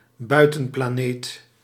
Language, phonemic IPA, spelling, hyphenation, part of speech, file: Dutch, /ˈbœy̯.tə(n).plaːˌneːt/, buitenplaneet, bui‧ten‧pla‧neet, noun, Nl-buitenplaneet.ogg
- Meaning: outer planet